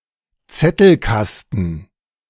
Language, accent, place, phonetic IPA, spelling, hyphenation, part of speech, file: German, Germany, Berlin, [ˈt͡sɛtl̩ˌkastn̩], Zettelkasten, Zet‧tel‧kas‧ten, noun, De-Zettelkasten.ogg
- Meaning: slip box, card file